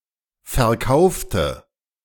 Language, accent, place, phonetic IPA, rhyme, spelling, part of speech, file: German, Germany, Berlin, [fɛɐ̯ˈkaʊ̯ftə], -aʊ̯ftə, verkaufte, adjective / verb, De-verkaufte.ogg
- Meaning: inflection of verkaufen: 1. first/third-person singular preterite 2. first/third-person singular subjunctive II